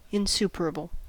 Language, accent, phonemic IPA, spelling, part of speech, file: English, US, /ɪnˈsup(ə)ɹəb(ə)l/, insuperable, adjective, En-us-insuperable.ogg
- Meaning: 1. Impossible to achieve or overcome or be negotiated 2. Overwhelming or insurmountable